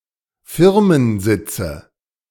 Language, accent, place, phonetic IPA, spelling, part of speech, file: German, Germany, Berlin, [ˈfɪʁmənˌzɪt͡sə], Firmensitze, noun, De-Firmensitze.ogg
- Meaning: nominative/accusative/genitive plural of Firmensitz